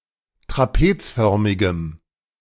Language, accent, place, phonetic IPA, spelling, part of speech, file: German, Germany, Berlin, [tʁaˈpeːt͡sˌfœʁmɪɡəm], trapezförmigem, adjective, De-trapezförmigem.ogg
- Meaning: strong dative masculine/neuter singular of trapezförmig